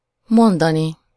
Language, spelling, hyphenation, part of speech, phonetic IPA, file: Hungarian, mondani, mon‧da‧ni, verb, [ˈmondɒni], Hu-mondani.ogg
- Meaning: infinitive of mond